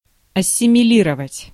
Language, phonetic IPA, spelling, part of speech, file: Russian, [ɐsʲɪmʲɪˈlʲirəvətʲ], ассимилировать, verb, Ru-ассимилировать.ogg
- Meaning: to assimilate